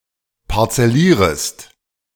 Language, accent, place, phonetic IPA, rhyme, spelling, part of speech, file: German, Germany, Berlin, [paʁt͡sɛˈliːʁəst], -iːʁəst, parzellierest, verb, De-parzellierest.ogg
- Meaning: second-person singular subjunctive I of parzellieren